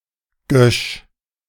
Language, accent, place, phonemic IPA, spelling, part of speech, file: German, Germany, Berlin, /ɡœʃ/, Gösch, noun, De-Gösch.ogg
- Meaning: 1. flag on the bow of a ship 2. little flag in the corner of a flag (such as the Union Jack within the flag of Australia)